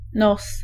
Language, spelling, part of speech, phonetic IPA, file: Polish, nos, noun, [nɔs], Pl-nos.ogg